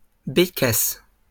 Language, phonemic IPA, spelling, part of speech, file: French, /be.kas/, bécasses, noun, LL-Q150 (fra)-bécasses.wav
- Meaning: plural of bécasse